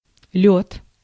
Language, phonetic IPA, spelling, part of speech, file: Russian, [lʲɵt], лёд, noun, Ru-лёд.ogg
- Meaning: 1. ice 2. skating rink, ice rink 3. methamphetamine